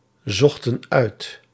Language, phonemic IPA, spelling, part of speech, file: Dutch, /ˈzɔxtə(n) ˈœyt/, zochten uit, verb, Nl-zochten uit.ogg
- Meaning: inflection of uitzoeken: 1. plural past indicative 2. plural past subjunctive